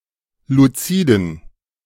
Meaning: inflection of luzid: 1. strong genitive masculine/neuter singular 2. weak/mixed genitive/dative all-gender singular 3. strong/weak/mixed accusative masculine singular 4. strong dative plural
- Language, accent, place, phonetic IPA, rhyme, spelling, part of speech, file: German, Germany, Berlin, [luˈt͡siːdn̩], -iːdn̩, luziden, adjective, De-luziden.ogg